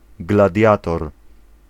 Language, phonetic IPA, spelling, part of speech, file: Polish, [ɡlaˈdʲjatɔr], gladiator, noun, Pl-gladiator.ogg